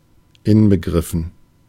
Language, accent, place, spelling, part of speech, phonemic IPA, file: German, Germany, Berlin, inbegriffen, adjective, /ɪnbəɡʁɪfn̩/, De-inbegriffen.ogg
- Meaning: included